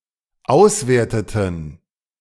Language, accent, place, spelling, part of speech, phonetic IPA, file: German, Germany, Berlin, auswerteten, verb, [ˈaʊ̯sˌveːɐ̯tətn̩], De-auswerteten.ogg
- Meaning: inflection of auswerten: 1. first/third-person plural dependent preterite 2. first/third-person plural dependent subjunctive II